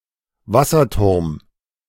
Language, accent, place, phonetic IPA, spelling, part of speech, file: German, Germany, Berlin, [ˈvasɐˌtʊʁm], Wasserturm, noun, De-Wasserturm.ogg
- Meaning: water tower